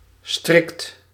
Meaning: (adjective) strict; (adverb) strictly; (verb) inflection of strikken: 1. second/third-person singular present indicative 2. plural imperative
- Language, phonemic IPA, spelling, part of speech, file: Dutch, /strɪkt/, strikt, adjective / verb, Nl-strikt.ogg